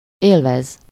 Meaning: to enjoy (to receive pleasure or satisfaction from something)
- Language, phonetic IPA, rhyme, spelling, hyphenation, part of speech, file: Hungarian, [ˈeːlvɛz], -ɛz, élvez, él‧vez, verb, Hu-élvez.ogg